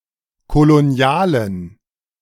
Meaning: inflection of kolonial: 1. strong genitive masculine/neuter singular 2. weak/mixed genitive/dative all-gender singular 3. strong/weak/mixed accusative masculine singular 4. strong dative plural
- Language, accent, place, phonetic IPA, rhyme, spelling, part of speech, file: German, Germany, Berlin, [koloˈni̯aːlən], -aːlən, kolonialen, adjective, De-kolonialen.ogg